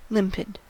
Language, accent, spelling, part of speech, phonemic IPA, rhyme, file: English, US, limpid, adjective, /ˈlɪmpɪd/, -ɪmpɪd, En-us-limpid.ogg
- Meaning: Clear, transparent or bright